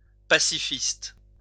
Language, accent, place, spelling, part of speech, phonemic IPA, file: French, France, Lyon, pacifiste, noun, /pa.si.fist/, LL-Q150 (fra)-pacifiste.wav
- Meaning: pacifist